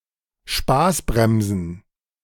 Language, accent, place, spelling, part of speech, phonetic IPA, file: German, Germany, Berlin, Spaßbremsen, noun, [ˈʃpaːsˌbʁɛmzn̩], De-Spaßbremsen.ogg
- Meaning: plural of Spaßbremse